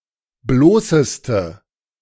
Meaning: inflection of bloß: 1. strong/mixed nominative/accusative feminine singular superlative degree 2. strong nominative/accusative plural superlative degree
- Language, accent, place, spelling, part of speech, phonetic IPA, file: German, Germany, Berlin, bloßeste, adjective, [ˈbloːsəstə], De-bloßeste.ogg